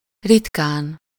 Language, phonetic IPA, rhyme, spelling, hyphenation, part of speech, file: Hungarian, [ˈritkaːn], -aːn, ritkán, rit‧kán, adverb / adjective, Hu-ritkán.ogg
- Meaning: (adverb) seldom; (adjective) superessive singular of ritka